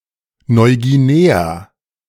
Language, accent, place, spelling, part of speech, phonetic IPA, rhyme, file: German, Germany, Berlin, Neuguinea, proper noun, [nɔɪ̯ɡiˈneːa], -eːa, De-Neuguinea.ogg
- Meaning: New Guinea (the world's second-largest island, politically divided between Indonesia and Papua New Guinea)